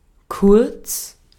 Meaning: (adjective) 1. short, quick, brief 2. short 3. short, concise, succinct (of words or writing) 4. near (being the closest to the shooting position, especially of the goal)
- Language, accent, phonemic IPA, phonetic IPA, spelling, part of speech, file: German, Austria, /kʊʁt͡s/, [kʰʊɐ̯t͡s], kurz, adjective / adverb, De-at-kurz.ogg